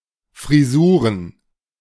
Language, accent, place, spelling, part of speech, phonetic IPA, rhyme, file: German, Germany, Berlin, Frisuren, noun, [ˌfʁiˈzuːʁən], -uːʁən, De-Frisuren.ogg
- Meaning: plural of Frisur